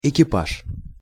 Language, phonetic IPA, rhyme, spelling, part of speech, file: Russian, [ɪkʲɪˈpaʂ], -aʂ, экипаж, noun, Ru-экипаж.ogg
- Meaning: 1. crew 2. carriage (a horse-drawn vehicle)